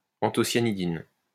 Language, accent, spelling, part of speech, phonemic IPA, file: French, France, anthocyanidine, noun, /ɑ̃.tɔ.sja.ni.din/, LL-Q150 (fra)-anthocyanidine.wav
- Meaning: anthocyanidin